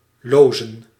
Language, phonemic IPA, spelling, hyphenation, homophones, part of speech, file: Dutch, /ˈloː.zə(n)/, lozen, lo‧zen, Loozen, verb, Nl-lozen.ogg
- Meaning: 1. to drain, to discharge (e.g. waste water) 2. to drive away, to force to leave